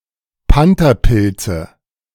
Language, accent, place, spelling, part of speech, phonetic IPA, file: German, Germany, Berlin, Pantherpilze, noun, [ˈpantɐˌpɪlt͡sə], De-Pantherpilze.ogg
- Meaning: nominative/accusative/genitive plural of Pantherpilz